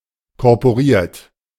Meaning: student union
- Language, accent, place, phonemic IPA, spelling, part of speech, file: German, Germany, Berlin, /kɔʁpoˈʁiːɐ̯t/, korporiert, adjective, De-korporiert.ogg